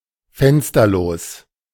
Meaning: windowless
- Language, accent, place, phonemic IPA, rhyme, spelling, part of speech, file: German, Germany, Berlin, /ˈfɛnstɐloːs/, -oːs, fensterlos, adjective, De-fensterlos.ogg